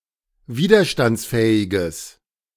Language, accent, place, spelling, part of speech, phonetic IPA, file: German, Germany, Berlin, widerstandsfähiges, adjective, [ˈviːdɐʃtant͡sˌfɛːɪɡəs], De-widerstandsfähiges.ogg
- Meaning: strong/mixed nominative/accusative neuter singular of widerstandsfähig